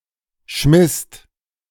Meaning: second-person singular/plural preterite of schmeißen
- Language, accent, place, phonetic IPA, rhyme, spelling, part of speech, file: German, Germany, Berlin, [ʃmɪst], -ɪst, schmisst, verb, De-schmisst.ogg